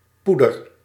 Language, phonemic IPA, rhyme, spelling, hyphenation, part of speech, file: Dutch, /ˈpu.dər/, -udər, poeder, poe‧der, noun, Nl-poeder.ogg
- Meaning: powder